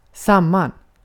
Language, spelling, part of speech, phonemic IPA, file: Swedish, samman, adverb, /²saman/, Sv-samman.ogg
- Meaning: together